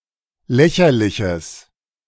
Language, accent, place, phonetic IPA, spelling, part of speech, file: German, Germany, Berlin, [ˈlɛçɐlɪçəs], lächerliches, adjective, De-lächerliches.ogg
- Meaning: strong/mixed nominative/accusative neuter singular of lächerlich